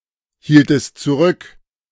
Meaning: inflection of zurückhalten: 1. second-person singular preterite 2. second-person singular subjunctive II
- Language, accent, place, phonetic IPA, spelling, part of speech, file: German, Germany, Berlin, [ˌhiːltəst t͡suˈʁʏk], hieltest zurück, verb, De-hieltest zurück.ogg